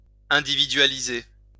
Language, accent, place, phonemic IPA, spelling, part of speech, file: French, France, Lyon, /ɛ̃.di.vi.dɥa.li.ze/, individualiser, verb, LL-Q150 (fra)-individualiser.wav
- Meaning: to individualize, personalize